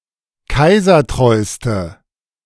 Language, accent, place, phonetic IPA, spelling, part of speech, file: German, Germany, Berlin, [ˈkaɪ̯zɐˌtʁɔɪ̯stə], kaisertreuste, adjective, De-kaisertreuste.ogg
- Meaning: inflection of kaisertreu: 1. strong/mixed nominative/accusative feminine singular superlative degree 2. strong nominative/accusative plural superlative degree